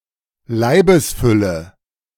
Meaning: corpulent body
- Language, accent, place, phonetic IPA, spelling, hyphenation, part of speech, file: German, Germany, Berlin, [ˈlaɪ̯bəsˌfʏlə], Leibesfülle, Lei‧bes‧fül‧le, noun, De-Leibesfülle.ogg